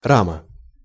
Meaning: 1. frame (structural elements of a building, bicycle, or other constructed object) 2. frame (of a photo, picture, etc.) 3. window frame
- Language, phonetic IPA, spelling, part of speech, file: Russian, [ˈramə], рама, noun, Ru-рама.ogg